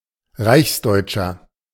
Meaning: 1. ethnic German citizen or resident (male or unspecified) 2. inflection of Reichsdeutsche: strong genitive/dative singular 3. inflection of Reichsdeutsche: strong genitive plural
- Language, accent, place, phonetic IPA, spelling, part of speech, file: German, Germany, Berlin, [ˈʁaɪ̯çsˌdɔɪ̯t͡ʃɐ], Reichsdeutscher, noun, De-Reichsdeutscher.ogg